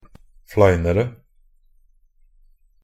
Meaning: comparative degree of flein
- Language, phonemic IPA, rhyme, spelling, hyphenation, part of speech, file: Norwegian Bokmål, /ˈflæɪnərə/, -ərə, fleinere, flei‧ne‧re, adjective, Nb-fleinere.ogg